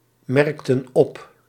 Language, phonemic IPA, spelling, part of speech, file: Dutch, /ˈmɛrᵊktə(n) ˈɔp/, merkten op, verb, Nl-merkten op.ogg
- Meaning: inflection of opmerken: 1. plural past indicative 2. plural past subjunctive